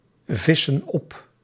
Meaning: inflection of opvissen: 1. plural present indicative 2. plural present subjunctive
- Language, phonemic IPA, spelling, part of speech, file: Dutch, /ˈvɪsə(n) ˈɔp/, vissen op, verb, Nl-vissen op.ogg